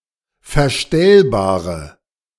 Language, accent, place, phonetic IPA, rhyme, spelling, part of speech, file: German, Germany, Berlin, [fɛɐ̯ˈʃtɛlbaːʁə], -ɛlbaːʁə, verstellbare, adjective, De-verstellbare.ogg
- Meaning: inflection of verstellbar: 1. strong/mixed nominative/accusative feminine singular 2. strong nominative/accusative plural 3. weak nominative all-gender singular